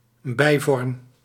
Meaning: a less common or subordinate variant, a byform
- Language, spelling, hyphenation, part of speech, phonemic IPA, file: Dutch, bijvorm, bij‧vorm, noun, /ˈbɛi̯.vɔrm/, Nl-bijvorm.ogg